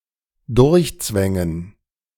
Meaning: to squeeze through
- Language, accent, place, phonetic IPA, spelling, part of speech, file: German, Germany, Berlin, [ˈdʊʁçˌt͡svɛŋən], durchzwängen, verb, De-durchzwängen.ogg